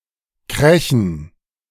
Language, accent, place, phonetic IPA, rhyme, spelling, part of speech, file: German, Germany, Berlin, [ˈkʁɛçn̩], -ɛçn̩, Krächen, noun, De-Krächen.ogg
- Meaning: 1. dative plural of Krach 2. plural of Krachen